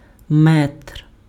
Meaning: 1. meter/metre (SI unit of measure) 2. metre measure ruler, metre-stick
- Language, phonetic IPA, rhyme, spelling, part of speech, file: Ukrainian, [ˈmɛtr], -ɛtr, метр, noun, Uk-метр.ogg